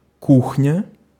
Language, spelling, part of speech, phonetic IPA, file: Russian, кухня, noun, [ˈkuxnʲə], Ru-кухня.ogg
- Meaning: 1. kitchen 2. suite of furniture for a kitchen 3. cuisine 4. behind-the-scenes dealings or operation